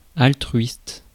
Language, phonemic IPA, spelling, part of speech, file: French, /al.tʁɥist/, altruiste, adjective / noun, Fr-altruiste.ogg
- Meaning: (adjective) altruistic (regardful of others; beneficent; unselfish); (noun) altruist